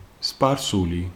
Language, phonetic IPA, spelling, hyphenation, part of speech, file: Georgian, [spʼäɾsuli], სპარსული, სპარ‧სუ‧ლი, adjective / proper noun, Ka-სპარსული.ogg
- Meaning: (adjective) Persian; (proper noun) the Persian language